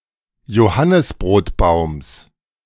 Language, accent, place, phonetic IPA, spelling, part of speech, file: German, Germany, Berlin, [joˈhanɪsbʁoːtˌbaʊ̯ms], Johannisbrotbaums, noun, De-Johannisbrotbaums.ogg
- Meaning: genitive singular of Johannisbrotbaum